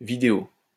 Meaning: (adjective) video; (noun) video (television show, movie)
- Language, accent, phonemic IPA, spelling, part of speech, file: French, France, /vi.de.o/, vidéo, adjective / noun, LL-Q150 (fra)-vidéo.wav